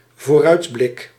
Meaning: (noun) outlook into future events; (verb) first-person singular dependent-clause present indicative of vooruitblikken
- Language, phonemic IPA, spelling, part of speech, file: Dutch, /voˈrœydblɪk/, vooruitblik, noun / verb, Nl-vooruitblik.ogg